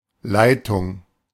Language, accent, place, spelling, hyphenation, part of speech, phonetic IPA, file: German, Germany, Berlin, Leitung, Lei‧tung, noun, [ˈlaɪ̯tʊŋ], De-Leitung.ogg
- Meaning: 1. cable, line, wire 2. conduit, pipe 3. management 4. conduction 5. line